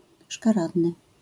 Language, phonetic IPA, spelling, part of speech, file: Polish, [ʃkaˈradnɨ], szkaradny, adjective, LL-Q809 (pol)-szkaradny.wav